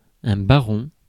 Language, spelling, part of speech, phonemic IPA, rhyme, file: French, baron, noun, /ba.ʁɔ̃/, -ɔ̃, Fr-baron.ogg
- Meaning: baron, lord, noble landowner